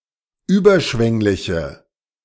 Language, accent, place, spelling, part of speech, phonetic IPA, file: German, Germany, Berlin, überschwängliche, adjective, [ˈyːbɐˌʃvɛŋlɪçə], De-überschwängliche.ogg
- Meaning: inflection of überschwänglich: 1. strong/mixed nominative/accusative feminine singular 2. strong nominative/accusative plural 3. weak nominative all-gender singular